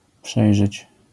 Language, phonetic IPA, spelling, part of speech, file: Polish, [ˈpʃɛjʒɛt͡ɕ], przejrzeć, verb, LL-Q809 (pol)-przejrzeć.wav